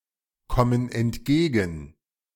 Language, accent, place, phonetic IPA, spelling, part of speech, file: German, Germany, Berlin, [ˌkɔmən ɛntˈɡeːɡn̩], kommen entgegen, verb, De-kommen entgegen.ogg
- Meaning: inflection of entgegenkommen: 1. first/third-person plural present 2. first/third-person plural subjunctive I